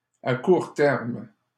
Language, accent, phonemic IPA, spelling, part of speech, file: French, Canada, /a kuʁ tɛʁm/, à court terme, prepositional phrase, LL-Q150 (fra)-à court terme.wav
- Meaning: short-term